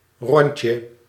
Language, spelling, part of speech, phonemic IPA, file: Dutch, rondje, noun, /ˈrɔntjə/, Nl-rondje.ogg
- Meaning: 1. diminutive of ronde 2. a round (usually of drinks) bought by someone, e.g. in a bar 3. an O in the game of tic-tac-toe